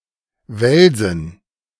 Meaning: dative plural of Wels
- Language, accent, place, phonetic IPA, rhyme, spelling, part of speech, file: German, Germany, Berlin, [ˈvɛlzn̩], -ɛlzn̩, Welsen, noun, De-Welsen.ogg